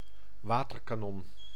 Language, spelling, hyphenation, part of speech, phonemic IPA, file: Dutch, waterkanon, wa‧ter‧ka‧non, noun, /ˈʋaː.tər.kaːˌnɔn/, Nl-waterkanon.ogg
- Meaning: 1. water cannon 2. manyroot, feverroot (Ruellia tuberosa)